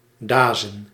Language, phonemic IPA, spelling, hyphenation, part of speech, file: Dutch, /ˈdaːzə(n)/, dazen, da‧zen, verb / noun, Nl-dazen.ogg
- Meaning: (verb) to talk nonsense, to engage in crazy talk; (noun) plural of daas